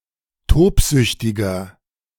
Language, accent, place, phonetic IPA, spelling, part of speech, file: German, Germany, Berlin, [ˈtoːpˌzʏçtɪɡɐ], tobsüchtiger, adjective, De-tobsüchtiger.ogg
- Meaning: 1. comparative degree of tobsüchtig 2. inflection of tobsüchtig: strong/mixed nominative masculine singular 3. inflection of tobsüchtig: strong genitive/dative feminine singular